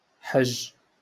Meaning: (verb) to make a pilgrimage to mecca; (noun) 1. pilgrimage 2. pilgrimage: hajj (pilgrimage to Mecca according to a specific ritual)
- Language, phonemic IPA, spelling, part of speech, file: Moroccan Arabic, /ħaʒʒ/, حج, verb / noun, LL-Q56426 (ary)-حج.wav